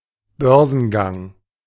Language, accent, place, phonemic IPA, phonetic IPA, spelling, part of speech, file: German, Germany, Berlin, /ˈbœʁ.zənˌɡaŋ/, [ˈbœɐ̯zənˌɡaŋ], Börsengang, noun, De-Börsengang.ogg
- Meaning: initial public offering, IPO